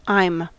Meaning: Contraction of I + am
- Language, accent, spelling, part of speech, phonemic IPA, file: English, US, I'm, contraction, /a(ɪ)m/, En-us-I'm.ogg